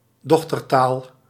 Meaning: a daughter language
- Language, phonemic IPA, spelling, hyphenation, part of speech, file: Dutch, /ˈdɔx.tərˌtaːl/, dochtertaal, doch‧ter‧taal, noun, Nl-dochtertaal.ogg